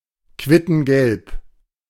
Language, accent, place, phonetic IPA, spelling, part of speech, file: German, Germany, Berlin, [ˈkvɪtn̩ɡɛlp], quittengelb, adjective, De-quittengelb.ogg
- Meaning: alternative form of quittegelb